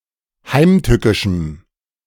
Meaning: strong dative masculine/neuter singular of heimtückisch
- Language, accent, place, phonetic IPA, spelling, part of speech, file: German, Germany, Berlin, [ˈhaɪ̯mˌtʏkɪʃm̩], heimtückischem, adjective, De-heimtückischem.ogg